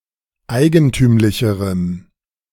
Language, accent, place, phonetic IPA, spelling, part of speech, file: German, Germany, Berlin, [ˈaɪ̯ɡənˌtyːmlɪçəʁəm], eigentümlicherem, adjective, De-eigentümlicherem.ogg
- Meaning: strong dative masculine/neuter singular comparative degree of eigentümlich